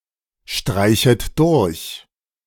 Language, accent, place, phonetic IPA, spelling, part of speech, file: German, Germany, Berlin, [ˌʃtʁaɪ̯çət ˈdʊʁç], streichet durch, verb, De-streichet durch.ogg
- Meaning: second-person plural subjunctive I of durchstreichen